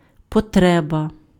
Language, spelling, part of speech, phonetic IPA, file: Ukrainian, потреба, noun, [pɔˈtrɛbɐ], Uk-потреба.ogg
- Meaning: 1. need 2. requirement, necessity 3. fight, battle